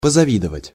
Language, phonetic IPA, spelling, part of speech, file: Russian, [pəzɐˈvʲidəvətʲ], позавидовать, verb, Ru-позавидовать.ogg
- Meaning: to envy, to be envious of